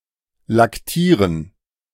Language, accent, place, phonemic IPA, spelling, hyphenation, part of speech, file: German, Germany, Berlin, /lakˈtiːʁən/, laktieren, lak‧tie‧ren, verb, De-laktieren.ogg
- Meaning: to lactate